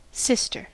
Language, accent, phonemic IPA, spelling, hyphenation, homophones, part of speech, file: English, US, /ˈsɪs.tɚ/, sister, sis‧ter, cister / cyster, noun / verb, En-us-sister.ogg
- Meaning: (noun) 1. A daughter of the same parents as another person; a female sibling 2. A female member of a religious order; especially one devoted to more active service; (informal) a nun